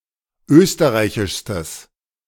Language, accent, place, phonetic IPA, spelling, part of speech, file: German, Germany, Berlin, [ˈøːstəʁaɪ̯çɪʃstəs], österreichischstes, adjective, De-österreichischstes.ogg
- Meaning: strong/mixed nominative/accusative neuter singular superlative degree of österreichisch